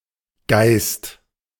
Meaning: 1. spirit 2. the Holy Spirit; Holy Ghost 3. essence 4. mind, wit 5. ghost; spook 6. spook 7. an alcoholic drink; a spirit
- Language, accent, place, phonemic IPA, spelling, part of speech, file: German, Germany, Berlin, /ɡaɪ̯st/, Geist, noun, De-Geist.ogg